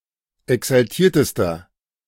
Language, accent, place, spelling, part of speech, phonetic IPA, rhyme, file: German, Germany, Berlin, exaltiertester, adjective, [ɛksalˈtiːɐ̯təstɐ], -iːɐ̯təstɐ, De-exaltiertester.ogg
- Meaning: inflection of exaltiert: 1. strong/mixed nominative masculine singular superlative degree 2. strong genitive/dative feminine singular superlative degree 3. strong genitive plural superlative degree